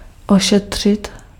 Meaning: to treat (to care for medicinally or surgically; to apply medical care to)
- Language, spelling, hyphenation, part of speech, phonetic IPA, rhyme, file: Czech, ošetřit, oše‧t‧řit, verb, [ˈoʃɛtr̝̊ɪt], -ɛtr̝̊ɪt, Cs-ošetřit.ogg